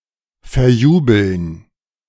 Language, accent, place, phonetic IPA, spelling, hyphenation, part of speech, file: German, Germany, Berlin, [fɛrˈjuːbl̩n], verjubeln, ver‧ju‧beln, verb, De-verjubeln.ogg
- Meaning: to squander, to blow (carelessly spend money or other wealth for pleasure or vanities)